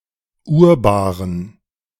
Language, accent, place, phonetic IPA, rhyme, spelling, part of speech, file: German, Germany, Berlin, [ʊʁˈbaːʁən], -aːʁən, Urbaren, noun, De-Urbaren.ogg
- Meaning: dative plural of Urbar